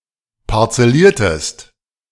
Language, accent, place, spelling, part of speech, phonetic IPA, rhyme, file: German, Germany, Berlin, parzelliertest, verb, [paʁt͡sɛˈliːɐ̯təst], -iːɐ̯təst, De-parzelliertest.ogg
- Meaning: inflection of parzellieren: 1. second-person singular preterite 2. second-person singular subjunctive II